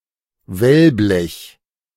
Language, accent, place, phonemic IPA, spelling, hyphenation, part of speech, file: German, Germany, Berlin, /ˈvɛlˌblɛç/, Wellblech, Well‧blech, noun, De-Wellblech.ogg
- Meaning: corrugated iron